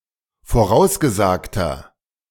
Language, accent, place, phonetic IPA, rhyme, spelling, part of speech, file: German, Germany, Berlin, [foˈʁaʊ̯sɡəˌzaːktɐ], -aʊ̯sɡəzaːktɐ, vorausgesagter, adjective, De-vorausgesagter.ogg
- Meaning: inflection of vorausgesagt: 1. strong/mixed nominative masculine singular 2. strong genitive/dative feminine singular 3. strong genitive plural